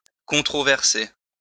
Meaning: to controvert
- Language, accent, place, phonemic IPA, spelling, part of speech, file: French, France, Lyon, /kɔ̃.tʁɔ.vɛʁ.se/, controverser, verb, LL-Q150 (fra)-controverser.wav